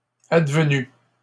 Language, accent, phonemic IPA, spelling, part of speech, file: French, Canada, /ad.və.ny/, advenu, verb, LL-Q150 (fra)-advenu.wav
- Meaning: past participle of advenir